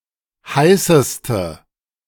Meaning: inflection of heiß: 1. strong/mixed nominative/accusative feminine singular superlative degree 2. strong nominative/accusative plural superlative degree
- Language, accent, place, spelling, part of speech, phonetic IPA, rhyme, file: German, Germany, Berlin, heißeste, adjective, [ˈhaɪ̯səstə], -aɪ̯səstə, De-heißeste.ogg